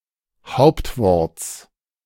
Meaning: genitive of Hauptwort
- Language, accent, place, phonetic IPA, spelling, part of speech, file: German, Germany, Berlin, [ˈhaʊ̯ptvɔʁt͡s], Hauptworts, noun, De-Hauptworts.ogg